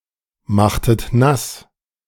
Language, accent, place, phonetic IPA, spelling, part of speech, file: German, Germany, Berlin, [ˌmaxtət ˈnas], machtet nass, verb, De-machtet nass.ogg
- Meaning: inflection of nassmachen: 1. second-person plural preterite 2. second-person plural subjunctive II